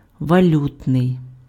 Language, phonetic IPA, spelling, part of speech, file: Ukrainian, [ʋɐˈlʲutnei̯], валютний, adjective, Uk-валютний.ogg
- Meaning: monetary, currency